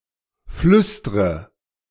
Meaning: inflection of flüstern: 1. first-person singular present 2. first/third-person singular subjunctive I 3. singular imperative
- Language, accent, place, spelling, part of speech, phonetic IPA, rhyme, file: German, Germany, Berlin, flüstre, verb, [ˈflʏstʁə], -ʏstʁə, De-flüstre.ogg